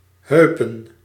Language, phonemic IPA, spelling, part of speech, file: Dutch, /ˈɦøːpə(n)/, heupen, noun, Nl-heupen.ogg
- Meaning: plural of heup